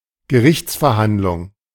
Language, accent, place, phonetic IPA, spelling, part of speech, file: German, Germany, Berlin, [ɡəˈʁɪçt͡sfɛɐ̯ˌhandlʊŋ], Gerichtsverhandlung, noun, De-Gerichtsverhandlung.ogg
- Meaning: trial